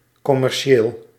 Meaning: commercial (of or pertaining to commerce or commercialism)
- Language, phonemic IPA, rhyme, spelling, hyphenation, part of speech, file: Dutch, /ˌkɔ.mɛrˈʃeːl/, -eːl, commercieel, com‧mer‧ci‧eel, adjective, Nl-commercieel.ogg